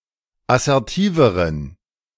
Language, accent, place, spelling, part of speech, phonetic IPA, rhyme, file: German, Germany, Berlin, assertiveren, adjective, [asɛʁˈtiːvəʁən], -iːvəʁən, De-assertiveren.ogg
- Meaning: inflection of assertiv: 1. strong genitive masculine/neuter singular comparative degree 2. weak/mixed genitive/dative all-gender singular comparative degree